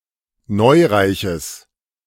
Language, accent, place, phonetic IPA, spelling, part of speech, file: German, Germany, Berlin, [ˈnɔɪ̯ʁaɪ̯çəs], neureiches, adjective, De-neureiches.ogg
- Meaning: strong/mixed nominative/accusative neuter singular of neureich